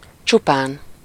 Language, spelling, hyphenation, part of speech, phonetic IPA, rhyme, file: Hungarian, csupán, csu‧pán, adverb, [ˈt͡ʃupaːn], -aːn, Hu-csupán.ogg
- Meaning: merely, only